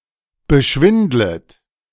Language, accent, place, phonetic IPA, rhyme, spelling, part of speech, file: German, Germany, Berlin, [bəˈʃvɪndlət], -ɪndlət, beschwindlet, verb, De-beschwindlet.ogg
- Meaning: second-person plural subjunctive I of beschwindeln